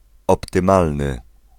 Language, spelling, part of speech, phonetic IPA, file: Polish, optymalny, adjective, [ˌɔptɨ̃ˈmalnɨ], Pl-optymalny.ogg